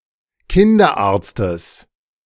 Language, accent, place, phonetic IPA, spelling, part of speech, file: German, Germany, Berlin, [ˈkɪndɐˌʔaːɐ̯t͡stəs], Kinderarztes, noun, De-Kinderarztes.ogg
- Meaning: genitive singular of Kinderarzt